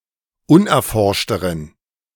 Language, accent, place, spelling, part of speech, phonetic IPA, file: German, Germany, Berlin, unerforschteren, adjective, [ˈʊnʔɛɐ̯ˌfɔʁʃtəʁən], De-unerforschteren.ogg
- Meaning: inflection of unerforscht: 1. strong genitive masculine/neuter singular comparative degree 2. weak/mixed genitive/dative all-gender singular comparative degree